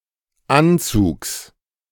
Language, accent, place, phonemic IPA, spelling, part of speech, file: German, Germany, Berlin, /ˈʔantsuːks/, Anzugs, noun, De-Anzugs.ogg
- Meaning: genitive singular of Anzug